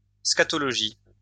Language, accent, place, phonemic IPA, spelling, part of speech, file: French, France, Lyon, /ska.tɔ.lɔ.ʒi/, scatologie, noun, LL-Q150 (fra)-scatologie.wav
- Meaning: scatology